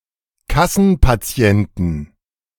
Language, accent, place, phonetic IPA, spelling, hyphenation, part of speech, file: German, Germany, Berlin, [ˈkasn̩paˌt͡si̯ɛntn̩], Kassenpatienten, Kas‧sen‧pa‧ti‧en‧ten, noun, De-Kassenpatienten.ogg
- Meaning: 1. genitive singular of Kassenpatient 2. dative singular of Kassenpatient 3. accusative singular of Kassenpatient 4. nominative plural of Kassenpatient 5. genitive plural of Kassenpatient